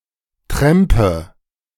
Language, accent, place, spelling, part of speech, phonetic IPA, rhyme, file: German, Germany, Berlin, trampe, verb, [ˈtʁɛmpə], -ɛmpə, De-trampe.ogg
- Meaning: inflection of trampen: 1. first-person singular present 2. first/third-person singular subjunctive I 3. singular imperative